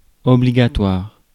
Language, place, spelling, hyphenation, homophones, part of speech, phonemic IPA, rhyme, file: French, Paris, obligatoire, o‧bli‧ga‧toire, obligatoires, adjective, /ɔ.bli.ɡa.twaʁ/, -waʁ, Fr-obligatoire.ogg
- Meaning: 1. obligatory; mandatory 2. compulsory